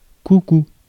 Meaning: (noun) 1. cuckoo (the bird) 2. cuckoo (the cry of the bird) 3. cuckoo clock 4. cowslip (flower) 5. old plane; old crate; rust bucket; any old vehicle, especially one that is rickety
- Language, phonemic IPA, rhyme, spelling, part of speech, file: French, /ku.ku/, -u, coucou, noun / interjection, Fr-coucou.ogg